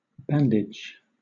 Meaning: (noun) 1. A strip of gauze or similar material used to protect or support a wound or injury 2. A strip of cloth bound round the head and eyes as a blindfold
- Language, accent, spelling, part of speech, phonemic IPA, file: English, Southern England, bandage, noun / verb, /ˈbæn.dɪd͡ʒ/, LL-Q1860 (eng)-bandage.wav